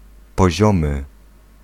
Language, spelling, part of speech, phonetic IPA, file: Polish, poziomy, adjective, [pɔˈʑɔ̃mɨ], Pl-poziomy.ogg